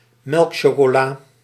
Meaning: uncommon form of melkchocolade
- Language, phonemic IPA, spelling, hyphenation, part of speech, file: Dutch, /ˈmɛlk.ʃoː.koːˌlaː/, melkchocola, melk‧cho‧co‧la, noun, Nl-melkchocola.ogg